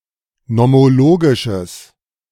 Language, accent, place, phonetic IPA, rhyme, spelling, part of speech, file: German, Germany, Berlin, [nɔmoˈloːɡɪʃəs], -oːɡɪʃəs, nomologisches, adjective, De-nomologisches.ogg
- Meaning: strong/mixed nominative/accusative neuter singular of nomologisch